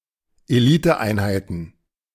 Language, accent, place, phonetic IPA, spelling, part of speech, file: German, Germany, Berlin, [eˈliːtəˌʔaɪ̯nhaɪ̯tn̩], Eliteeinheiten, noun, De-Eliteeinheiten.ogg
- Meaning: plural of Eliteeinheit